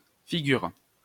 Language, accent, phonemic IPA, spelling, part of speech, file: French, France, /fi.ɡyʁ/, fig., adjective, LL-Q150 (fra)-fig..wav
- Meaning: 1. abbreviation of figure; figure 2. abbreviation of figuré; figurative